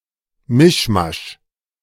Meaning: mishmash, hotchpotch, hodgepodge
- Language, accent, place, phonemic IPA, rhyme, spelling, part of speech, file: German, Germany, Berlin, /ˈmɪʃmaʃ/, -aʃ, Mischmasch, noun, De-Mischmasch.ogg